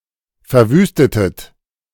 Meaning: inflection of verwüsten: 1. second-person plural preterite 2. second-person plural subjunctive II
- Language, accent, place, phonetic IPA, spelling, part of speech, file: German, Germany, Berlin, [fɛɐ̯ˈvyːstətət], verwüstetet, verb, De-verwüstetet.ogg